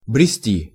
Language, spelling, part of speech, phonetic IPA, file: Russian, брести, verb, [brʲɪˈsʲtʲi], Ru-брести.ogg
- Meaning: 1. to plod, to lag 2. to stroll